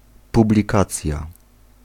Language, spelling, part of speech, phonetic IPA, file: Polish, publikacja, noun, [ˌpublʲiˈkat͡sʲja], Pl-publikacja.ogg